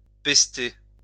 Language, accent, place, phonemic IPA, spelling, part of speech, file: French, France, Lyon, /pɛs.te/, pester, verb, LL-Q150 (fra)-pester.wav
- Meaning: to rant, curse, fulminate